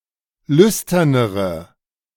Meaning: inflection of lüstern: 1. strong/mixed nominative/accusative feminine singular comparative degree 2. strong nominative/accusative plural comparative degree
- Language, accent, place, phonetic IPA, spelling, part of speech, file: German, Germany, Berlin, [ˈlʏstɐnəʁə], lüsternere, adjective, De-lüsternere.ogg